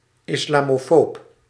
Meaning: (noun) Islamophobe (someone with discriminatory or bigoted beliefs about Islam and/or Muslims); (adjective) Islamophobic (discriminatory or bigoted towards Islam and/or Muslims)
- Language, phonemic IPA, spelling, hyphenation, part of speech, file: Dutch, /isˌlaː.moːˈfoːp/, islamofoob, is‧la‧mo‧foob, noun / adjective, Nl-islamofoob.ogg